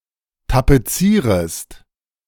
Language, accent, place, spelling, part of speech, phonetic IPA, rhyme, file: German, Germany, Berlin, tapezierest, verb, [tapeˈt͡siːʁəst], -iːʁəst, De-tapezierest.ogg
- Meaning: second-person singular subjunctive I of tapezieren